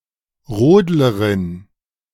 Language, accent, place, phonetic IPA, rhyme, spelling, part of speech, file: German, Germany, Berlin, [ˈʁoːdləʁɪn], -oːdləʁɪn, Rodlerin, noun, De-Rodlerin.ogg
- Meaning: Female luger, sledder (who participates in the sport known as luge)